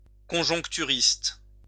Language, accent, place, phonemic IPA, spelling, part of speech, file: French, France, Lyon, /kɔ̃.ʒɔ̃k.ty.ʁist/, conjoncturiste, noun, LL-Q150 (fra)-conjoncturiste.wav
- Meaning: forecaster